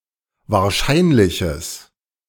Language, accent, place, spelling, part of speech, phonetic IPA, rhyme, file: German, Germany, Berlin, wahrscheinliches, adjective, [vaːɐ̯ˈʃaɪ̯nlɪçəs], -aɪ̯nlɪçəs, De-wahrscheinliches.ogg
- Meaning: strong/mixed nominative/accusative neuter singular of wahrscheinlich